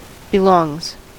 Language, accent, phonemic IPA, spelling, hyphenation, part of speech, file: English, US, /bɪˈlɔŋz/, belongs, be‧longs, verb, En-us-belongs.ogg
- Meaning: third-person singular simple present indicative of belong